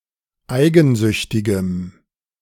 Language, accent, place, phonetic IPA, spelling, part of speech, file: German, Germany, Berlin, [ˈaɪ̯ɡn̩ˌzʏçtɪɡəm], eigensüchtigem, adjective, De-eigensüchtigem.ogg
- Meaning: strong dative masculine/neuter singular of eigensüchtig